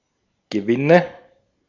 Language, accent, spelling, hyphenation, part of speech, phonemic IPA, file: German, Austria, Gewinne, Ge‧win‧ne, noun, /ɡəˈvɪnə/, De-at-Gewinne.ogg
- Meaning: nominative/accusative/genitive plural of Gewinn